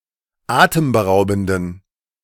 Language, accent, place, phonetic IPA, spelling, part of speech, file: German, Germany, Berlin, [ˈaːtəmbəˌʁaʊ̯bn̩dən], atemberaubenden, adjective, De-atemberaubenden.ogg
- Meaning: inflection of atemberaubend: 1. strong genitive masculine/neuter singular 2. weak/mixed genitive/dative all-gender singular 3. strong/weak/mixed accusative masculine singular 4. strong dative plural